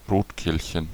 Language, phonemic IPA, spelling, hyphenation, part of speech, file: German, /ˈʁoːtˌkeːlçən/, Rotkehlchen, Rot‧kehl‧chen, noun, De-Rotkehlchen.ogg
- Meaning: European robin (Erithacus rubecula)